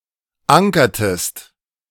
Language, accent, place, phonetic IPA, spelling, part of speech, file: German, Germany, Berlin, [ˈaŋkɐtəst], ankertest, verb, De-ankertest.ogg
- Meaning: inflection of ankern: 1. second-person singular preterite 2. second-person singular subjunctive II